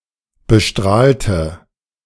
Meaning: inflection of bestrahlt: 1. strong/mixed nominative/accusative feminine singular 2. strong nominative/accusative plural 3. weak nominative all-gender singular
- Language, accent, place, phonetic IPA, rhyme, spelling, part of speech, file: German, Germany, Berlin, [bəˈʃtʁaːltə], -aːltə, bestrahlte, adjective / verb, De-bestrahlte.ogg